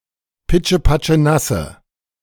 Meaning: inflection of pitschepatschenass: 1. strong/mixed nominative/accusative feminine singular 2. strong nominative/accusative plural 3. weak nominative all-gender singular
- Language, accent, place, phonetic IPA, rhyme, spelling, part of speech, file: German, Germany, Berlin, [ˌpɪt͡ʃəpat͡ʃəˈnasə], -asə, pitschepatschenasse, adjective, De-pitschepatschenasse.ogg